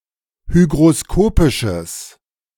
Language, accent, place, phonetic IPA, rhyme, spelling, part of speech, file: German, Germany, Berlin, [ˌhyɡʁoˈskoːpɪʃəs], -oːpɪʃəs, hygroskopisches, adjective, De-hygroskopisches.ogg
- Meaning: strong/mixed nominative/accusative neuter singular of hygroskopisch